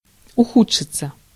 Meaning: 1. to become worse, to deteriorate, to take a turn for the worse 2. passive of уху́дшить (uxúdšitʹ)
- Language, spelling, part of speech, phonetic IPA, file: Russian, ухудшиться, verb, [ʊˈxut͡ʂʂɨt͡sə], Ru-ухудшиться.ogg